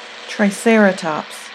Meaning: Common name of the extinct genus Triceratops; herbivorous ceratopsids from the late Cretaceous
- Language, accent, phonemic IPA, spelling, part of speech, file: English, US, /tɹaɪˈsɛɹətɒps/, triceratops, noun, En-us-triceratops.ogg